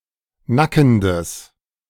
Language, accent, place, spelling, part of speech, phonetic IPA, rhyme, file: German, Germany, Berlin, nackendes, adjective, [ˈnakn̩dəs], -akn̩dəs, De-nackendes.ogg
- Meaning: strong/mixed nominative/accusative neuter singular of nackend